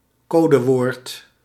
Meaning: codeword
- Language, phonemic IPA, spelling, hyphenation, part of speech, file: Dutch, /ˈkoː.dəˌʋoːrt/, codewoord, co‧de‧woord, noun, Nl-codewoord.ogg